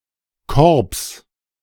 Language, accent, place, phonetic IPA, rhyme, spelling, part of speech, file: German, Germany, Berlin, [kɔʁps], -ɔʁps, Korbs, noun, De-Korbs.ogg
- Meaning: genitive singular of Korb